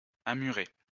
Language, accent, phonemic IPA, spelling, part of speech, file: French, France, /a.my.ʁe/, amurer, verb, LL-Q150 (fra)-amurer.wav
- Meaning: to tack (sail against the wind)